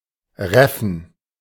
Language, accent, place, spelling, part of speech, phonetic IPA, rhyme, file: German, Germany, Berlin, reffen, verb, [ˈʁɛfn̩], -ɛfn̩, De-reffen.ogg
- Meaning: to reef (shorten a sail in high wind)